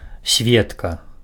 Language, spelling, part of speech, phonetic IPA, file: Belarusian, сведка, noun, [ˈsʲvʲetka], Be-сведка.ogg
- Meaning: 1. witness 2. female witness